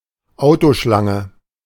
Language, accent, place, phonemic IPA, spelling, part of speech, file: German, Germany, Berlin, /ˈaʊ̯toˌʃlaŋə/, Autoschlange, noun, De-Autoschlange.ogg
- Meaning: Queue of cars